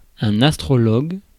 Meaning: astrologer
- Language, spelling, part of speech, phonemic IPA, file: French, astrologue, noun, /as.tʁɔ.lɔɡ/, Fr-astrologue.ogg